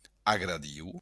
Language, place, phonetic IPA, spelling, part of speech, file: Occitan, Béarn, [aɣɾaˈðiw], agradiu, adjective, LL-Q14185 (oci)-agradiu.wav
- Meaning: pleasant, agreeable